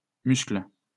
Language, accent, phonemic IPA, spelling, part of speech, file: French, France, /myskl/, muscles, noun / verb, LL-Q150 (fra)-muscles.wav
- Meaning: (noun) plural of muscle; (verb) second-person singular present indicative/subjunctive of muscler